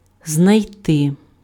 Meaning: to find
- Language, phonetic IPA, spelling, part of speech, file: Ukrainian, [znɐi̯ˈtɪ], знайти, verb, Uk-знайти.ogg